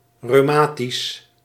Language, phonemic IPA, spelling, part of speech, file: Dutch, /røːˈmaː.tis/, reumatisch, adjective, Nl-reumatisch.ogg
- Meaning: rheumatic